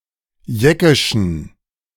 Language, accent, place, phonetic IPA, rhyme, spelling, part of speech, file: German, Germany, Berlin, [ˈjɛkɪʃn̩], -ɛkɪʃn̩, jeckischen, adjective, De-jeckischen.ogg
- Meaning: inflection of jeckisch: 1. strong genitive masculine/neuter singular 2. weak/mixed genitive/dative all-gender singular 3. strong/weak/mixed accusative masculine singular 4. strong dative plural